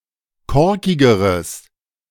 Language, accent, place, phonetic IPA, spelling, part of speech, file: German, Germany, Berlin, [ˈkɔʁkɪɡəʁəs], korkigeres, adjective, De-korkigeres.ogg
- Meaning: strong/mixed nominative/accusative neuter singular comparative degree of korkig